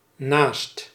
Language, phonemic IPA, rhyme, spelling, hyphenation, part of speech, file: Dutch, /naːst/, -aːst, naast, naast, preposition / adjective / verb, Nl-naast.ogg
- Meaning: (preposition) 1. beside, next to 2. in addition to; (adjective) superlative degree of na; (verb) inflection of naasten: 1. first/second/third-person singular present indicative 2. imperative